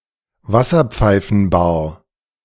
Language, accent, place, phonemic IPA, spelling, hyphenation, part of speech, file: German, Germany, Berlin, /ˈvasɐˌ(p)faɪ̯fənbaːɐ/, Wasserpfeifenbar, Was‧ser‧pfei‧fen‧bar, noun, De-Wasserpfeifenbar.ogg
- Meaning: hookah lounge, shisha bar